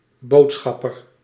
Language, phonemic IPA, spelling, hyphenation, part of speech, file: Dutch, /ˈboːtˌsxɑ.pər/, boodschapper, bood‧schap‧per, noun, Nl-boodschapper.ogg
- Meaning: messenger